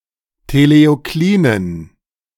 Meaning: inflection of teleoklin: 1. strong genitive masculine/neuter singular 2. weak/mixed genitive/dative all-gender singular 3. strong/weak/mixed accusative masculine singular 4. strong dative plural
- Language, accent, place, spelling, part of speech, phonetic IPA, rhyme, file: German, Germany, Berlin, teleoklinen, adjective, [teleoˈkliːnən], -iːnən, De-teleoklinen.ogg